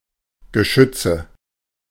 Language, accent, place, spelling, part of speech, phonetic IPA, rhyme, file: German, Germany, Berlin, Geschütze, noun, [ɡəˈʃʏt͡sə], -ʏt͡sə, De-Geschütze.ogg
- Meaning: nominative/accusative/genitive plural of Geschütz